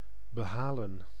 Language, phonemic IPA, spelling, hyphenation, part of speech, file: Dutch, /bəˈɦaːlə(n)/, behalen, be‧ha‧len, verb, Nl-behalen.ogg
- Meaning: to gain, to achieve